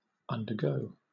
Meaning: 1. To experience; to pass through a phase 2. To suffer or endure; bear with 3. To go or move under or beneath
- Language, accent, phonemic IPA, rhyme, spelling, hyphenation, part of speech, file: English, Southern England, /ˌʌndəˈɡəʊ/, -əʊ, undergo, un‧der‧go, verb, LL-Q1860 (eng)-undergo.wav